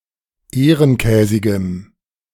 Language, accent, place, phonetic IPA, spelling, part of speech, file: German, Germany, Berlin, [ˈeːʁənˌkɛːzɪɡəm], ehrenkäsigem, adjective, De-ehrenkäsigem.ogg
- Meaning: strong dative masculine/neuter singular of ehrenkäsig